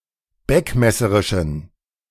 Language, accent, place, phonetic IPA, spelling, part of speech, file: German, Germany, Berlin, [ˈbɛkmɛsəʁɪʃn̩], beckmesserischen, adjective, De-beckmesserischen.ogg
- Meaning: inflection of beckmesserisch: 1. strong genitive masculine/neuter singular 2. weak/mixed genitive/dative all-gender singular 3. strong/weak/mixed accusative masculine singular 4. strong dative plural